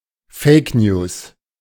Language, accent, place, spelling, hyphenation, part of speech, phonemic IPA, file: German, Germany, Berlin, Fake News, Fake News, noun, /ˈfɛɪ̯kˌnjuːs/, De-Fake News.ogg
- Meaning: fake news